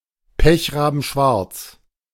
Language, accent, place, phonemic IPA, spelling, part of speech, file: German, Germany, Berlin, /ˈpɛçʁaːbn̩ˌʃvaʁt͡s/, pechrabenschwarz, adjective, De-pechrabenschwarz.ogg
- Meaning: pitch-black